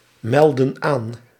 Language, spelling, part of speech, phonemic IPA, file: Dutch, meldden aan, verb, /ˈmɛldə(n) ˈan/, Nl-meldden aan.ogg
- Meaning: inflection of aanmelden: 1. plural past indicative 2. plural past subjunctive